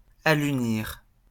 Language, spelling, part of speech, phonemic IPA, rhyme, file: French, alunir, verb, /a.ly.niʁ/, -iʁ, LL-Q150 (fra)-alunir.wav
- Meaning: to land on the Moon